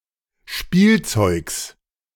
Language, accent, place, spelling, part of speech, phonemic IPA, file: German, Germany, Berlin, Spielzeugs, noun, /ˈʃpiːlˌtsɔʏks/, De-Spielzeugs.ogg
- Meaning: genitive singular of Spielzeug